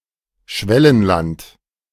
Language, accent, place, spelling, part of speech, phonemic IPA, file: German, Germany, Berlin, Schwellenland, noun, /ˈʃvɛlənˌlant/, De-Schwellenland.ogg
- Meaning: newly-industrialized country; emerging economy